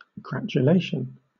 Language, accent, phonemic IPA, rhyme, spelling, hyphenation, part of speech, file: English, Southern England, /ɡɹætjʊˈleɪʃən/, -eɪʃən, gratulation, gra‧tu‧la‧tion, noun, LL-Q1860 (eng)-gratulation.wav
- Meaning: 1. A feeling of happiness and satisfaction; joy, especially at one's good fortune 2. The expression of pleasure at someone else's success or luck; congratulation